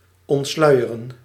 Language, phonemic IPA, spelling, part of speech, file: Dutch, /ˌɔntˈslœy̯.ər.ə(n)/, ontsluieren, verb, Nl-ontsluieren.ogg
- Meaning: 1. to physically unveil, reveal 2. to disclose, render public